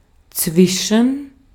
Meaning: 1. between 2. among, amongst
- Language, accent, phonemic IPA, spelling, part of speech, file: German, Austria, /ˈtsvɪʃən/, zwischen, preposition, De-at-zwischen.ogg